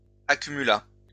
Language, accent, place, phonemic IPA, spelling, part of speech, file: French, France, Lyon, /a.ky.my.la/, accumula, verb, LL-Q150 (fra)-accumula.wav
- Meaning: third-person singular past historic of accumuler